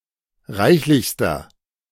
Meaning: inflection of reichlich: 1. strong/mixed nominative masculine singular superlative degree 2. strong genitive/dative feminine singular superlative degree 3. strong genitive plural superlative degree
- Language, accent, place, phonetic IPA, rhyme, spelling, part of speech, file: German, Germany, Berlin, [ˈʁaɪ̯çlɪçstɐ], -aɪ̯çlɪçstɐ, reichlichster, adjective, De-reichlichster.ogg